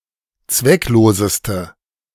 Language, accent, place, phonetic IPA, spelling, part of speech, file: German, Germany, Berlin, [ˈt͡svɛkˌloːzəstə], zweckloseste, adjective, De-zweckloseste.ogg
- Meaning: inflection of zwecklos: 1. strong/mixed nominative/accusative feminine singular superlative degree 2. strong nominative/accusative plural superlative degree